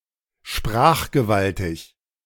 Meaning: eloquent
- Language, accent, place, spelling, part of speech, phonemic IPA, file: German, Germany, Berlin, sprachgewaltig, adjective, /ˈʃpʁaːχɡəˌvaltɪç/, De-sprachgewaltig.ogg